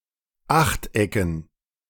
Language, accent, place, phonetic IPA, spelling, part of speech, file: German, Germany, Berlin, [ˈaxtˌʔɛkn̩], Achtecken, noun, De-Achtecken.ogg
- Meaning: dative plural of Achteck